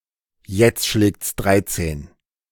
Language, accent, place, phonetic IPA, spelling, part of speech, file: German, Germany, Berlin, [jɛt͡st ʃlɛːkt͡s ˈdʁaɪ̯t͡seːn], jetzt schlägts dreizehn, phrase, De-jetzt schlägts dreizehn.ogg
- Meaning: alternative form of jetzt schlägt's dreizehn